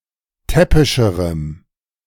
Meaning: strong dative masculine/neuter singular comparative degree of täppisch
- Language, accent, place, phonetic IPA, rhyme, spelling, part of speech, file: German, Germany, Berlin, [ˈtɛpɪʃəʁəm], -ɛpɪʃəʁəm, täppischerem, adjective, De-täppischerem.ogg